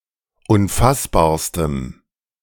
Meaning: strong dative masculine/neuter singular superlative degree of unfassbar
- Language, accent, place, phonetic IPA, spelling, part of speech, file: German, Germany, Berlin, [ʊnˈfasbaːɐ̯stəm], unfassbarstem, adjective, De-unfassbarstem.ogg